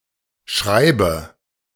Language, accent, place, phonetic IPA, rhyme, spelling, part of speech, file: German, Germany, Berlin, [ˈʃʁaɪ̯bə], -aɪ̯bə, schreibe, verb, De-schreibe.ogg
- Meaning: inflection of schreiben: 1. first-person singular present 2. first/third-person singular subjunctive I 3. singular imperative